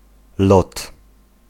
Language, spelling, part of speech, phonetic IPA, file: Polish, lot, noun, [lɔt], Pl-lot.ogg